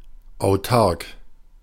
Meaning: self-sufficient, autarkic
- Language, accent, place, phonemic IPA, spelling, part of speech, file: German, Germany, Berlin, /aʊ̯ˈtark/, autark, adjective, De-autark.ogg